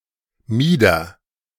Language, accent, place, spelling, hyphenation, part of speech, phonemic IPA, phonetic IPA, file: German, Germany, Berlin, Mieder, Mie‧der, noun, /ˈmiːdər/, [ˈmiːdɐ], De-Mieder.ogg
- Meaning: bodice